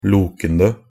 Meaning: present participle of loke
- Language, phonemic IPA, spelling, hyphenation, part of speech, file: Norwegian Bokmål, /ˈluːkən(d)ə/, lokende, lo‧ken‧de, verb, Nb-lokende.ogg